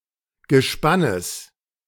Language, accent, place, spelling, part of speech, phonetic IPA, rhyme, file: German, Germany, Berlin, Gespannes, noun, [ɡəˈʃpanəs], -anəs, De-Gespannes.ogg
- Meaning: genitive singular of Gespann